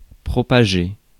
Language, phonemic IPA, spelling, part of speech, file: French, /pʁɔ.pa.ʒe/, propager, verb, Fr-propager.ogg
- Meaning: to propagate, spread